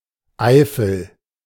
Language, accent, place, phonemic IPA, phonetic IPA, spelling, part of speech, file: German, Germany, Berlin, /ˈaɪ̯fəl/, [ˈʔaɪ̯.fl̩], Eifel, proper noun, De-Eifel.ogg
- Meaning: Eifel (large, relatively low mountain range in northwestern Rhineland-Palatinate and southwestern North Rhine-Westphalia, Germany)